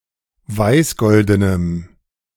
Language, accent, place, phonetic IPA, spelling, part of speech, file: German, Germany, Berlin, [ˈvaɪ̯sˌɡɔldənəm], weißgoldenem, adjective, De-weißgoldenem.ogg
- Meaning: strong dative masculine/neuter singular of weißgolden